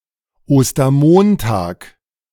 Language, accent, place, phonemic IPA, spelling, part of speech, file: German, Germany, Berlin, /ˌoːstɐˈmoːntaːk/, Ostermontag, noun, De-Ostermontag.ogg
- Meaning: Easter Monday